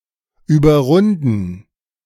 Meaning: 1. to lap (complete a whole lap more than another racer) 2. to exceed by a large margin, to have an uncatchable lead over
- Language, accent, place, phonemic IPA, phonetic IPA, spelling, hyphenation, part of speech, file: German, Germany, Berlin, /yːbəʁˈʁʊndən/, [ˌʔyː.bɐˈʁʊn.dn̩], überrunden, über‧run‧den, verb, De-überrunden.ogg